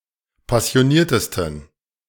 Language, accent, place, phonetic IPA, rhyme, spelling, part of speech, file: German, Germany, Berlin, [pasi̯oˈniːɐ̯təstn̩], -iːɐ̯təstn̩, passioniertesten, adjective, De-passioniertesten.ogg
- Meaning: 1. superlative degree of passioniert 2. inflection of passioniert: strong genitive masculine/neuter singular superlative degree